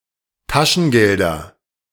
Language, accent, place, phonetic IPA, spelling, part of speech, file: German, Germany, Berlin, [ˈtaʃn̩ˌɡɛldɐ], Taschengelder, noun, De-Taschengelder.ogg
- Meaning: nominative/accusative/genitive plural of Taschengeld